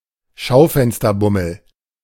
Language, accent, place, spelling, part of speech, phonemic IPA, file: German, Germany, Berlin, Schaufensterbummel, noun, /ˈʃaʊ̯fɛnstɐˌbʊml̩/, De-Schaufensterbummel.ogg
- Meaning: window-shopping (browsing shops with no intention of buying)